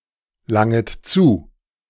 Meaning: second-person plural subjunctive I of zulangen
- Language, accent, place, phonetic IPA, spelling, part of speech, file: German, Germany, Berlin, [ˌlaŋət ˈt͡suː], langet zu, verb, De-langet zu.ogg